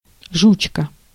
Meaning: inflection of жучо́к (žučók): 1. genitive singular 2. animate accusative singular
- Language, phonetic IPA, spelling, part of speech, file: Russian, [ʐʊt͡ɕˈka], жучка, noun, Ru-жучка.ogg